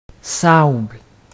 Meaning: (noun) 1. sand 2. the heraldic colour sable; black; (verb) inflection of sabler: 1. first/third-person singular present indicative/subjunctive 2. second-person singular imperative
- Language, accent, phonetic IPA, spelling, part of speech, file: French, Quebec, [sɑɔ̯bl], sable, noun / verb, Qc-sable.ogg